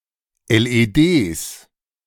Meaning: plural of LED
- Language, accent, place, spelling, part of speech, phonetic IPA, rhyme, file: German, Germany, Berlin, LEDs, noun, [ɛlʔeːˈdeːs], -eːs, De-LEDs.ogg